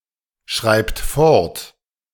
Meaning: inflection of fortschreiben: 1. third-person singular present 2. second-person plural present 3. plural imperative
- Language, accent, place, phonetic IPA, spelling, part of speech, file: German, Germany, Berlin, [ˌʃʁaɪ̯pt ˈfɔʁt], schreibt fort, verb, De-schreibt fort.ogg